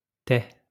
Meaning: 1. pillowcase, pillowslip 2. leucoma
- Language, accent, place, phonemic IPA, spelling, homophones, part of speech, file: French, France, Lyon, /tɛ/, taie, tais / tait, noun, LL-Q150 (fra)-taie.wav